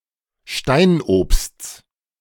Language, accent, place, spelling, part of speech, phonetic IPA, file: German, Germany, Berlin, Steinobsts, noun, [ˈʃtaɪ̯nʔoːpst͡s], De-Steinobsts.ogg
- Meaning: genitive of Steinobst